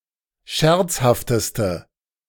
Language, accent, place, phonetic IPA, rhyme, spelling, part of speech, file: German, Germany, Berlin, [ˈʃɛʁt͡shaftəstə], -ɛʁt͡shaftəstə, scherzhafteste, adjective, De-scherzhafteste.ogg
- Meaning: inflection of scherzhaft: 1. strong/mixed nominative/accusative feminine singular superlative degree 2. strong nominative/accusative plural superlative degree